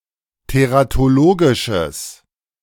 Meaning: strong/mixed nominative/accusative neuter singular of teratologisch
- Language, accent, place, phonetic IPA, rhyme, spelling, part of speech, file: German, Germany, Berlin, [teʁatoˈloːɡɪʃəs], -oːɡɪʃəs, teratologisches, adjective, De-teratologisches.ogg